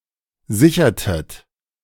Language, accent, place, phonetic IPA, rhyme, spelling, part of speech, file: German, Germany, Berlin, [ˈzɪçɐtət], -ɪçɐtət, sichertet, verb, De-sichertet.ogg
- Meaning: inflection of sichern: 1. second-person plural preterite 2. second-person plural subjunctive II